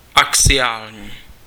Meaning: axial (of or relating to an axis)
- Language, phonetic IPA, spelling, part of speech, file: Czech, [ˈaksɪjaːlɲiː], axiální, adjective, Cs-axiální.ogg